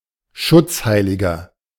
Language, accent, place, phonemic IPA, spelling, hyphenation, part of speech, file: German, Germany, Berlin, /ˈʃʊt͡sˌhaɪ̯lɪɡɐ/, Schutzheiliger, Schutz‧hei‧li‧ger, noun, De-Schutzheiliger.ogg
- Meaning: 1. patron saint 2. inflection of Schutzheilige: strong genitive/dative singular 3. inflection of Schutzheilige: strong genitive plural